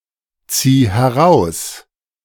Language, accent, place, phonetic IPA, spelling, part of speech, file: German, Germany, Berlin, [ˌt͡siː hɛˈʁaʊ̯s], zieh heraus, verb, De-zieh heraus.ogg
- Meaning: singular imperative of herausziehen